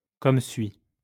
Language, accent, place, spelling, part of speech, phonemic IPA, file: French, France, Lyon, comme suit, adverb, /kɔm sɥi/, LL-Q150 (fra)-comme suit.wav
- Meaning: as follows